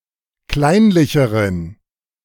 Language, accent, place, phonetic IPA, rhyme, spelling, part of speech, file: German, Germany, Berlin, [ˈklaɪ̯nlɪçəʁən], -aɪ̯nlɪçəʁən, kleinlicheren, adjective, De-kleinlicheren.ogg
- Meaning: inflection of kleinlich: 1. strong genitive masculine/neuter singular comparative degree 2. weak/mixed genitive/dative all-gender singular comparative degree